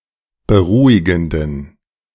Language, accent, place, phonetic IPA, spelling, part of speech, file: German, Germany, Berlin, [bəˈʁuːɪɡn̩dən], beruhigenden, adjective, De-beruhigenden.ogg
- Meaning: inflection of beruhigend: 1. strong genitive masculine/neuter singular 2. weak/mixed genitive/dative all-gender singular 3. strong/weak/mixed accusative masculine singular 4. strong dative plural